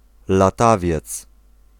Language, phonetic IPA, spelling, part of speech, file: Polish, [laˈtavʲjɛt͡s], latawiec, noun, Pl-latawiec.ogg